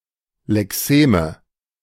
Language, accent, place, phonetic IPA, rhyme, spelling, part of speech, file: German, Germany, Berlin, [lɛˈkseːmə], -eːmə, Lexeme, noun, De-Lexeme.ogg
- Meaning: nominative/accusative/genitive plural of Lexem